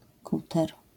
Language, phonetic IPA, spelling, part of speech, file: Polish, [ˈkutɛr], kuter, noun, LL-Q809 (pol)-kuter.wav